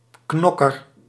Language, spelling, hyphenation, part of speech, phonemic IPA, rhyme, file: Dutch, knokker, knok‧ker, noun, /ˈknɔ.kər/, -ɔkər, Nl-knokker.ogg
- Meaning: a fighter, brawler, person tending to start or pick a fight